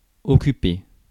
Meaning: 1. to occupy, to take up 2. to employ 3. to be busy, to keep oneself busy 4. to take care of, to tend to, to deal with someone
- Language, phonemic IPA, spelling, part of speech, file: French, /ɔ.ky.pe/, occuper, verb, Fr-occuper.ogg